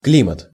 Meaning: climate
- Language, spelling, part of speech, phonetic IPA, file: Russian, климат, noun, [ˈklʲimət], Ru-климат.ogg